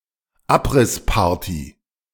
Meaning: farewell party held before the demolition of a building
- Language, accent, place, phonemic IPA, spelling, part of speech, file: German, Germany, Berlin, /ˈaprɪspaːɐ̯ti/, Abrissparty, noun, De-Abrissparty.ogg